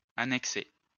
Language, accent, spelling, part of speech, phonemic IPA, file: French, France, annexer, verb, /a.nɛk.se/, LL-Q150 (fra)-annexer.wav
- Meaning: to annex